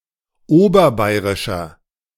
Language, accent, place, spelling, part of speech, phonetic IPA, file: German, Germany, Berlin, oberbayrischer, adjective, [ˈoːbɐˌbaɪ̯ʁɪʃɐ], De-oberbayrischer.ogg
- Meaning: inflection of oberbayrisch: 1. strong/mixed nominative masculine singular 2. strong genitive/dative feminine singular 3. strong genitive plural